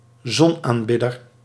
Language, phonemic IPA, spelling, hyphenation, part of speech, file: Dutch, /ˈzɔn.aːnˌbɪ.dər/, zonaanbidder, zon‧aan‧bid‧der, noun, Nl-zonaanbidder.ogg
- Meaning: 1. an avid, habitual sunbather; a sun worshipper 2. a Sun worshipper, one who worships the Sun or a sungod